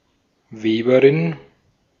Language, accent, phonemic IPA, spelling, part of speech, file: German, Austria, /ˈveːbɐʁɪn/, Weberin, noun, De-at-Weberin.ogg
- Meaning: female equivalent of Weber (“weaver”)